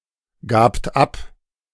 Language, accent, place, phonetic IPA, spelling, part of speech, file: German, Germany, Berlin, [ˌɡaːpt ˈap], gabt ab, verb, De-gabt ab.ogg
- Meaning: second-person plural preterite of abgeben